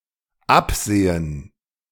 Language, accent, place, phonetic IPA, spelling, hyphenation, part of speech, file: German, Germany, Berlin, [ˈäpzeː(ə)n], absehen, ab‧se‧hen, verb, De-absehen.ogg
- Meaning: 1. to foresee 2. to realize, to convince oneself of 3. to overlook, to disregard, to refrain (to willfully not refer to a fact) 4. to be after, to design [with es and auf (+ accusative)]